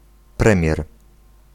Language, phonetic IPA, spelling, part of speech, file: Polish, [ˈprɛ̃mʲjɛr], premier, noun, Pl-premier.ogg